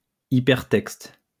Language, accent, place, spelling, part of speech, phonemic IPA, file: French, France, Lyon, hypertexte, noun, /i.pɛʁ.tɛkst/, LL-Q150 (fra)-hypertexte.wav
- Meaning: hypertext (text for the Web)